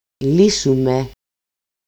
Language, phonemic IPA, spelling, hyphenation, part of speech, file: Greek, /ˈli.su.me/, λύσουμε, λύ‧σου‧με, verb, El-λύσουμε.ogg
- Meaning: first-person plural dependent active of λύνω (lýno)